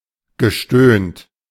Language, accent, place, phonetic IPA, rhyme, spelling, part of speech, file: German, Germany, Berlin, [ɡəˈʃtøːnt], -øːnt, gestöhnt, verb, De-gestöhnt.ogg
- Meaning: past participle of stöhnen